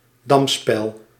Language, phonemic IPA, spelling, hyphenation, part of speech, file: Dutch, /ˈdɑm.spɛl/, damspel, dam‧spel, noun, Nl-damspel.ogg
- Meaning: 1. the board game checkers 2. a set of board and pieces used for that game